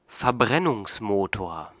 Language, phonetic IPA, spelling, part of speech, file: German, [fɛɐ̯ˈbʁɛnʊŋsˌmoːtoːɐ̯], Verbrennungsmotor, noun, De-Verbrennungsmotor.ogg
- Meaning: internal combustion engine